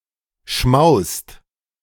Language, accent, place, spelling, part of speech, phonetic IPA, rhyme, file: German, Germany, Berlin, schmaust, verb, [ʃmaʊ̯st], -aʊ̯st, De-schmaust.ogg
- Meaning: inflection of schmausen: 1. second/third-person singular present 2. second-person plural present 3. plural imperative